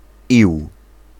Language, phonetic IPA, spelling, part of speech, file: Polish, [iw], ił, noun, Pl-ił.ogg